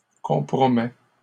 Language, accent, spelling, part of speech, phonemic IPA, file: French, Canada, compromet, verb, /kɔ̃.pʁɔ.mɛ/, LL-Q150 (fra)-compromet.wav
- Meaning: third-person singular present indicative of compromettre